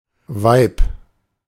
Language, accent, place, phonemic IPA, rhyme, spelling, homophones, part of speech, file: German, Germany, Berlin, /vaɪ̯p/, -aɪ̯p, Weib, Vibe, noun, De-Weib.ogg
- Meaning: 1. woman, broad 2. woman, wife